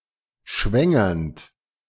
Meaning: present participle of schwängern
- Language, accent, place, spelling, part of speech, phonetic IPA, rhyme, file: German, Germany, Berlin, schwängernd, verb, [ˈʃvɛŋɐnt], -ɛŋɐnt, De-schwängernd.ogg